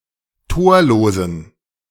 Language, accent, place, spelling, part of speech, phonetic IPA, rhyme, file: German, Germany, Berlin, torlosen, adjective, [ˈtoːɐ̯loːzn̩], -oːɐ̯loːzn̩, De-torlosen.ogg
- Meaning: inflection of torlos: 1. strong genitive masculine/neuter singular 2. weak/mixed genitive/dative all-gender singular 3. strong/weak/mixed accusative masculine singular 4. strong dative plural